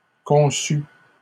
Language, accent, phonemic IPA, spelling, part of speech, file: French, Canada, /kɔ̃.sy/, conçut, verb, LL-Q150 (fra)-conçut.wav
- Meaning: third-person singular past historic of concevoir